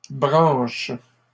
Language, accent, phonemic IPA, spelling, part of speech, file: French, Canada, /bʁɑ̃ʃ/, branches, noun / verb, LL-Q150 (fra)-branches.wav
- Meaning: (noun) plural of branche; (verb) second-person singular present indicative/subjunctive of brancher